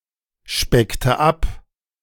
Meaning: inflection of abspecken: 1. first/third-person singular preterite 2. first/third-person singular subjunctive II
- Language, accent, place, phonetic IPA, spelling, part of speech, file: German, Germany, Berlin, [ˌʃpɛktə ˈap], speckte ab, verb, De-speckte ab.ogg